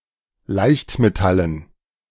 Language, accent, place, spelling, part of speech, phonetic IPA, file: German, Germany, Berlin, Leichtmetallen, noun, [ˈlaɪ̯çtmeˌtalən], De-Leichtmetallen.ogg
- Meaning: dative plural of Leichtmetall